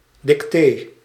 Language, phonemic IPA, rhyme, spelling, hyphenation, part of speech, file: Dutch, /dikˈteː/, -eː, dictee, dic‧tee, noun, Nl-dictee.ogg
- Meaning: 1. spelling bee 2. dictation exercise (school exercise in which a teacher recites words to be written down by the pupils)